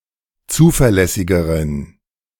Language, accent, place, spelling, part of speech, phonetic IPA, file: German, Germany, Berlin, zuverlässigeren, adjective, [ˈt͡suːfɛɐ̯ˌlɛsɪɡəʁən], De-zuverlässigeren.ogg
- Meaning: inflection of zuverlässig: 1. strong genitive masculine/neuter singular comparative degree 2. weak/mixed genitive/dative all-gender singular comparative degree